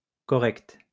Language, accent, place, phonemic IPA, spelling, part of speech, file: French, France, Lyon, /kɔ.ʁɛkt/, correcte, adjective, LL-Q150 (fra)-correcte.wav
- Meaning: feminine singular of correct